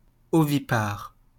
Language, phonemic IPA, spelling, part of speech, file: French, /ɔ.vi.paʁ/, ovipare, adjective, LL-Q150 (fra)-ovipare.wav
- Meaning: oviparous, egglaying